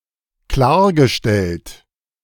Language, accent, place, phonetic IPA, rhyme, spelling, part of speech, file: German, Germany, Berlin, [ˈklaːɐ̯ɡəˌʃtɛlt], -aːɐ̯ɡəʃtɛlt, klargestellt, verb, De-klargestellt.ogg
- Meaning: past participle of klarstellen